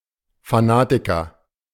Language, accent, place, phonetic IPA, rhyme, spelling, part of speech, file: German, Germany, Berlin, [faˈnaːtɪkɐ], -aːtɪkɐ, Fanatiker, noun, De-Fanatiker.ogg
- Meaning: fanatic (male or of unspecified gender)